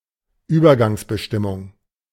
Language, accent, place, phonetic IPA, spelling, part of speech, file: German, Germany, Berlin, [ˈyːbɐɡaŋsbəˌʃtɪmʊŋ], Übergangsbestimmung, noun, De-Übergangsbestimmung.ogg